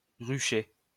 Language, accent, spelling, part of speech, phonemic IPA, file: French, France, rucher, noun / verb, /ʁy.ʃe/, LL-Q150 (fra)-rucher.wav
- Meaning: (noun) apiary (a place where bees and hives are kept); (verb) 1. to pile up hay stacks in the form of a beehive 2. to shirr or to pleat an item of clothing patterned after a beehive